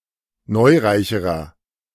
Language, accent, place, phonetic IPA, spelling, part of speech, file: German, Germany, Berlin, [ˈnɔɪ̯ˌʁaɪ̯çəʁɐ], neureicherer, adjective, De-neureicherer.ogg
- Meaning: inflection of neureich: 1. strong/mixed nominative masculine singular comparative degree 2. strong genitive/dative feminine singular comparative degree 3. strong genitive plural comparative degree